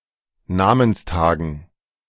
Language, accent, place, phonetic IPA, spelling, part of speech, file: German, Germany, Berlin, [ˈnaːmənsˌtaːɡn̩], Namenstagen, noun, De-Namenstagen.ogg
- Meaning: dative plural of Namenstag